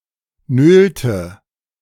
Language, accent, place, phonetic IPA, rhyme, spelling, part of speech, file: German, Germany, Berlin, [ˈnøːltə], -øːltə, nölte, verb, De-nölte.ogg
- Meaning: inflection of nölen: 1. first/third-person singular preterite 2. first/third-person singular subjunctive II